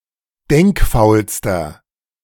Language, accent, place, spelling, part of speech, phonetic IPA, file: German, Germany, Berlin, denkfaulster, adjective, [ˈdɛŋkˌfaʊ̯lstɐ], De-denkfaulster.ogg
- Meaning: inflection of denkfaul: 1. strong/mixed nominative masculine singular superlative degree 2. strong genitive/dative feminine singular superlative degree 3. strong genitive plural superlative degree